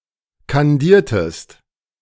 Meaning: inflection of kandieren: 1. second-person singular preterite 2. second-person singular subjunctive II
- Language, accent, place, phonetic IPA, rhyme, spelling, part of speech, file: German, Germany, Berlin, [kanˈdiːɐ̯təst], -iːɐ̯təst, kandiertest, verb, De-kandiertest.ogg